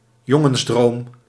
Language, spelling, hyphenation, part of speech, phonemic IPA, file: Dutch, jongensdroom, jon‧gens‧droom, noun, /ˈjɔ.ŋə(n)sˌdroːm/, Nl-jongensdroom.ogg
- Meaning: a boy's dream, a boyhood dream